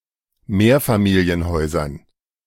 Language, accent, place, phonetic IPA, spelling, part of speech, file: German, Germany, Berlin, [ˈmeːɐ̯famiːli̯ənˌhɔɪ̯zɐn], Mehrfamilienhäusern, noun, De-Mehrfamilienhäusern.ogg
- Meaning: dative plural of Mehrfamilienhaus